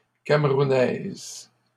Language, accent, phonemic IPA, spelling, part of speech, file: French, Canada, /kam.ʁu.nɛz/, camerounaise, adjective, LL-Q150 (fra)-camerounaise.wav
- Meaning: feminine singular of camerounais